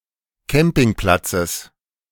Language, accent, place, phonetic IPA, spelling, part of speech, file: German, Germany, Berlin, [ˈkɛmpɪŋˌplat͡səs], Campingplatzes, noun, De-Campingplatzes.ogg
- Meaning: genitive of Campingplatz